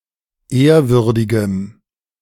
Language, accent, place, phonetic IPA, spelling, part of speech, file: German, Germany, Berlin, [ˈeːɐ̯ˌvʏʁdɪɡəm], ehrwürdigem, adjective, De-ehrwürdigem.ogg
- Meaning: strong dative masculine/neuter singular of ehrwürdig